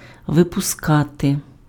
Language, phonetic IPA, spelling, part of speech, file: Ukrainian, [ʋepʊˈskate], випускати, verb, Uk-випускати.ogg
- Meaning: 1. to let out, to let go, to release, to set free 2. to emit, to discharge, to give off 3. to issue, to release, to put out (put into circulation; make available) 4. to publish